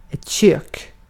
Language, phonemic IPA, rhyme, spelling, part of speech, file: Swedish, /ɕøːk/, -øːk, kök, noun, Sv-kök.ogg
- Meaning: 1. a kitchen 2. a cuisine 3. a portable cooking apparatus, a stove